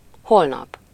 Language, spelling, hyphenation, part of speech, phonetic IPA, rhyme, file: Hungarian, holnap, hol‧nap, adverb / noun, [ˈholnɒp], -ɒp, Hu-holnap.ogg
- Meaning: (adverb) tomorrow; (noun) tomorrow, the next day